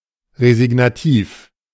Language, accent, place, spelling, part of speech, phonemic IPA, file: German, Germany, Berlin, resignativ, adjective, /ʁezɪɡnaˈtiːf/, De-resignativ.ogg
- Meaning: resigned